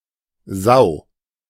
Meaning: 1. sow (female pig) 2. pig (of either gender) 3. a dislikable or unethical person
- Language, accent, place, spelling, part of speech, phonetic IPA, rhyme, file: German, Germany, Berlin, Sau, noun, [zaʊ̯], -aʊ̯, De-Sau.ogg